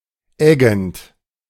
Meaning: present participle of eggen
- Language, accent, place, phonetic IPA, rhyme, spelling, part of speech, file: German, Germany, Berlin, [ˈɛɡn̩t], -ɛɡn̩t, eggend, verb, De-eggend.ogg